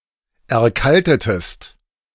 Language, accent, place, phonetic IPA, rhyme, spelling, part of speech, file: German, Germany, Berlin, [ɛɐ̯ˈkaltətəst], -altətəst, erkaltetest, verb, De-erkaltetest.ogg
- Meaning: inflection of erkalten: 1. second-person singular preterite 2. second-person singular subjunctive II